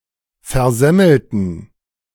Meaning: inflection of versemmeln: 1. first/third-person plural preterite 2. first/third-person plural subjunctive II
- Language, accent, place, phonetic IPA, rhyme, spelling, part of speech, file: German, Germany, Berlin, [fɛɐ̯ˈzɛml̩tn̩], -ɛml̩tn̩, versemmelten, adjective / verb, De-versemmelten.ogg